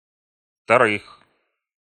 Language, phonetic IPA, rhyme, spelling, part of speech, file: Russian, [ftɐˈrɨx], -ɨx, вторых, noun, Ru-вторых.ogg
- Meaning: genitive/prepositional plural of второ́е (vtoróje)